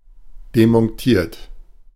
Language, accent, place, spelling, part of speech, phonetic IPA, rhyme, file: German, Germany, Berlin, demontiert, verb, [demɔnˈtiːɐ̯t], -iːɐ̯t, De-demontiert.ogg
- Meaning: 1. past participle of demontieren 2. inflection of demontieren: third-person singular present 3. inflection of demontieren: second-person plural present 4. inflection of demontieren: plural imperative